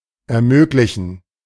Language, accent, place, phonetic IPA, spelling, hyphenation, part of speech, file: German, Germany, Berlin, [ɛɐ̯ˈmøːklɪçn̩], ermöglichen, er‧mög‧li‧chen, verb, De-ermöglichen.ogg
- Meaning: to make possible